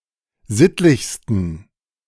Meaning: 1. superlative degree of sittlich 2. inflection of sittlich: strong genitive masculine/neuter singular superlative degree
- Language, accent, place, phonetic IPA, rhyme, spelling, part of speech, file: German, Germany, Berlin, [ˈzɪtlɪçstn̩], -ɪtlɪçstn̩, sittlichsten, adjective, De-sittlichsten.ogg